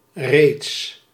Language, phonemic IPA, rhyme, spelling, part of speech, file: Dutch, /reːts/, -eːts, reeds, adverb, Nl-reeds.ogg
- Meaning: already